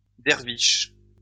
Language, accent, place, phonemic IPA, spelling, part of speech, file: French, France, Lyon, /dɛʁ.viʃ/, derviche, noun, LL-Q150 (fra)-derviche.wav
- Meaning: Dervish